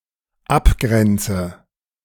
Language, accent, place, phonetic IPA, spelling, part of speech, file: German, Germany, Berlin, [ˈapˌɡʁɛnt͡sə], abgrenze, verb, De-abgrenze.ogg
- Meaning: inflection of abgrenzen: 1. first-person singular dependent present 2. first/third-person singular dependent subjunctive I